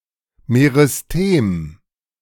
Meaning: meristem (zone of active cell division)
- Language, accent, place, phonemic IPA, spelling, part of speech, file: German, Germany, Berlin, /meʁɪsˈteːm/, Meristem, noun, De-Meristem.ogg